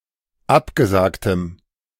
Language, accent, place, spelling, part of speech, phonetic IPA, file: German, Germany, Berlin, abgesagtem, adjective, [ˈapɡəˌzaːktəm], De-abgesagtem.ogg
- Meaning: strong dative masculine/neuter singular of abgesagt